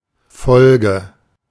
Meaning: 1. sequence 2. consequence 3. episode
- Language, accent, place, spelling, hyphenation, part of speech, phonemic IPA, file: German, Germany, Berlin, Folge, Fol‧ge, noun, /ˈfɔlɡə/, De-Folge.ogg